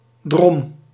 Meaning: flock (of people), throng, crowd
- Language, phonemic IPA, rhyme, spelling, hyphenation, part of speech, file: Dutch, /drɔm/, -ɔm, drom, drom, noun, Nl-drom.ogg